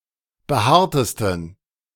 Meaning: 1. superlative degree of behaart 2. inflection of behaart: strong genitive masculine/neuter singular superlative degree
- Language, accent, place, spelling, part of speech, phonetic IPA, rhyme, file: German, Germany, Berlin, behaartesten, adjective, [bəˈhaːɐ̯təstn̩], -aːɐ̯təstn̩, De-behaartesten.ogg